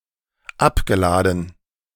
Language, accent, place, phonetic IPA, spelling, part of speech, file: German, Germany, Berlin, [ˈapɡəˌlaːdn̩], abgeladen, verb, De-abgeladen.ogg
- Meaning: past participle of abladen